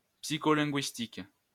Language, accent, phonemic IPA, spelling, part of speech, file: French, France, /psi.kɔ.lɛ̃.ɡɥis.tik/, psycholinguistique, adjective / noun, LL-Q150 (fra)-psycholinguistique.wav
- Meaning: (adjective) psycholinguistic; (noun) psycholinguistics